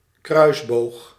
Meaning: 1. crossbow 2. ogive
- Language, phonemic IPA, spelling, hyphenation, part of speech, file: Dutch, /ˈkrœy̯s.boːx/, kruisboog, kruis‧boog, noun, Nl-kruisboog.ogg